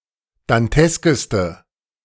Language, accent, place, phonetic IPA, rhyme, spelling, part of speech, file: German, Germany, Berlin, [danˈtɛskəstə], -ɛskəstə, danteskeste, adjective, De-danteskeste.ogg
- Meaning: inflection of dantesk: 1. strong/mixed nominative/accusative feminine singular superlative degree 2. strong nominative/accusative plural superlative degree